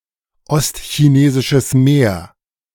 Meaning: East China Sea
- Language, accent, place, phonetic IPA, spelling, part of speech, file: German, Germany, Berlin, [ˌɔstçineːzɪʃəs ˈmeːɐ̯], Ostchinesisches Meer, phrase, De-Ostchinesisches Meer.ogg